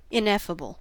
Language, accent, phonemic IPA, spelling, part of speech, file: English, US, /ˌɪnˈɛf.ə.bəl/, ineffable, adjective / noun, En-us-ineffable.ogg
- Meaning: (adjective) 1. Beyond expression in words; unspeakable 2. Forbidden to be uttered; taboo; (noun) Something that is beyond utterance; something unspeakable